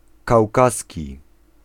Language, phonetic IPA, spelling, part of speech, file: Polish, [kawˈkasʲci], kaukaski, adjective, Pl-kaukaski.ogg